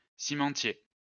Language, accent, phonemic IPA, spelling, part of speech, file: French, France, /si.mɑ̃.tje/, cimentier, noun, LL-Q150 (fra)-cimentier.wav
- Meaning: cementer (someone who works with cement)